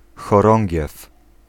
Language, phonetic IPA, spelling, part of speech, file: Polish, [xɔˈrɔ̃ŋʲɟɛf], chorągiew, noun, Pl-chorągiew.ogg